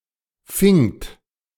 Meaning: second-person plural preterite of fangen
- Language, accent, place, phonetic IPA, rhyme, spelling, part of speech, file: German, Germany, Berlin, [fɪŋt], -ɪŋt, fingt, verb, De-fingt.ogg